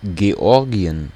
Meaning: Georgia (a transcontinental country in the Caucasus region of Europe and Asia, on the coast of the Black Sea)
- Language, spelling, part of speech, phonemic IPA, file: German, Georgien, proper noun, /ɡeˈɔʁɡiən/, De-Georgien.ogg